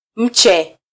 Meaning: 1. seedling, sapling 2. prism
- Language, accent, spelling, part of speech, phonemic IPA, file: Swahili, Kenya, mche, noun, /ˈm̩.tʃɛ/, Sw-ke-mche.flac